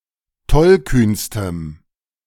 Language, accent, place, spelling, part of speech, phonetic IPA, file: German, Germany, Berlin, tollkühnstem, adjective, [ˈtɔlˌkyːnstəm], De-tollkühnstem.ogg
- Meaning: strong dative masculine/neuter singular superlative degree of tollkühn